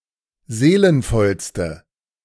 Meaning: inflection of seelenvoll: 1. strong/mixed nominative/accusative feminine singular superlative degree 2. strong nominative/accusative plural superlative degree
- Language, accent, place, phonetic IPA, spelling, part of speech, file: German, Germany, Berlin, [ˈzeːlənfɔlstə], seelenvollste, adjective, De-seelenvollste.ogg